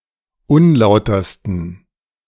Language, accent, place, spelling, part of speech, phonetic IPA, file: German, Germany, Berlin, unlautersten, adjective, [ˈʊnˌlaʊ̯tɐstn̩], De-unlautersten.ogg
- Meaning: 1. superlative degree of unlauter 2. inflection of unlauter: strong genitive masculine/neuter singular superlative degree